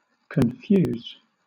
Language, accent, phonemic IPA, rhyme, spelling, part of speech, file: English, Southern England, /kənˈfjuːz/, -uːz, confuse, verb / adjective, LL-Q1860 (eng)-confuse.wav
- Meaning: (verb) To puzzle, perplex, baffle, bewilder (somebody); to afflict by being complicated, contradictory, or otherwise difficult to understand